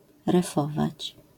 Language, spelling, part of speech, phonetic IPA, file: Polish, refować, verb, [rɛˈfɔvat͡ɕ], LL-Q809 (pol)-refować.wav